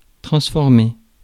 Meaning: to transform
- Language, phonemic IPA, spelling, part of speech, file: French, /tʁɑ̃s.fɔʁ.me/, transformer, verb, Fr-transformer.ogg